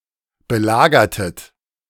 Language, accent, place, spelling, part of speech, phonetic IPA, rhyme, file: German, Germany, Berlin, belagertet, verb, [bəˈlaːɡɐtət], -aːɡɐtət, De-belagertet.ogg
- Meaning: inflection of belagern: 1. second-person plural preterite 2. second-person plural subjunctive II